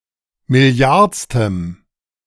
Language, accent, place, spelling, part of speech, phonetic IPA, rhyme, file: German, Germany, Berlin, milliardstem, adjective, [mɪˈli̯aʁt͡stəm], -aʁt͡stəm, De-milliardstem.ogg
- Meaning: strong dative masculine/neuter singular of milliardste